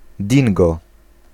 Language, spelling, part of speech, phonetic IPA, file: Polish, dingo, noun, [ˈdʲĩŋɡɔ], Pl-dingo.ogg